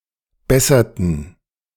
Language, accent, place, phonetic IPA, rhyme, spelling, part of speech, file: German, Germany, Berlin, [ˈbɛsɐtn̩], -ɛsɐtn̩, besserten, verb, De-besserten.ogg
- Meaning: inflection of bessern: 1. first/third-person plural preterite 2. first/third-person plural subjunctive II